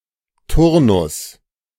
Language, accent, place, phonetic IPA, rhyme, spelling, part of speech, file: German, Germany, Berlin, [ˈtʊʁnʊs], -ʊʁnʊs, Turnus, noun, De-Turnus.ogg
- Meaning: rotation (regular change)